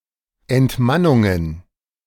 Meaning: plural of Entmannung
- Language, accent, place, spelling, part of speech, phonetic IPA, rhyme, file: German, Germany, Berlin, Entmannungen, noun, [ɛntˈmanʊŋən], -anʊŋən, De-Entmannungen.ogg